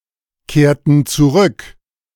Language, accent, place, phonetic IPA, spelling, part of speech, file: German, Germany, Berlin, [ˌkeːɐ̯tn̩ t͡suˈʁʏk], kehrten zurück, verb, De-kehrten zurück.ogg
- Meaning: inflection of zurückkehren: 1. first/third-person plural preterite 2. first/third-person plural subjunctive II